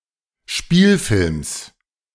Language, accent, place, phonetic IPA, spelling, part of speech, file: German, Germany, Berlin, [ˈʃpiːlfɪlms], Spielfilms, noun, De-Spielfilms.ogg
- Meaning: genitive singular of Spielfilm